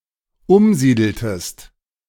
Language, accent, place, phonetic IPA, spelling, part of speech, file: German, Germany, Berlin, [ˈʊmˌziːdl̩təst], umsiedeltest, verb, De-umsiedeltest.ogg
- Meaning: inflection of umsiedeln: 1. second-person singular dependent preterite 2. second-person singular dependent subjunctive II